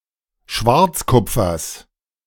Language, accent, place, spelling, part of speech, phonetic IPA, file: German, Germany, Berlin, Schwarzkupfers, noun, [ˈʃvaʁt͡sˌkʊp͡fɐs], De-Schwarzkupfers.ogg
- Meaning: genitive singular of Schwarzkupfer